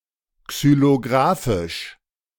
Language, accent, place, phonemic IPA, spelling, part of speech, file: German, Germany, Berlin, /ksyloˈɡʁaːfɪʃ/, xylographisch, adjective, De-xylographisch.ogg
- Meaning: xylographic